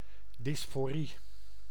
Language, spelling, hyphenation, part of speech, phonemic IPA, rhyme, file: Dutch, dysforie, dys‧fo‧rie, noun, /ˌdɪs.foːˈri/, -i, Nl-dysforie.ogg
- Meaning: dysphoria